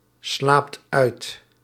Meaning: inflection of uitslapen: 1. second/third-person singular present indicative 2. plural imperative
- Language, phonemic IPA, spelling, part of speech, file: Dutch, /ˈslapt ˈœyt/, slaapt uit, verb, Nl-slaapt uit.ogg